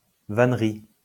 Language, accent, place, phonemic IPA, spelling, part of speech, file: French, France, Lyon, /van.ʁi/, vannerie, noun, LL-Q150 (fra)-vannerie.wav
- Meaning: 1. wickerwork 2. the art of making wickerwork